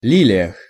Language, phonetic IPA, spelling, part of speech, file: Russian, [ˈlʲilʲɪjəx], лилиях, noun, Ru-лилиях.ogg
- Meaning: prepositional plural of ли́лия (lílija)